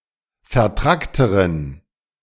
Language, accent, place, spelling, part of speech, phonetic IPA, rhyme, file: German, Germany, Berlin, vertrackteren, adjective, [fɛɐ̯ˈtʁaktəʁən], -aktəʁən, De-vertrackteren.ogg
- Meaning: inflection of vertrackt: 1. strong genitive masculine/neuter singular comparative degree 2. weak/mixed genitive/dative all-gender singular comparative degree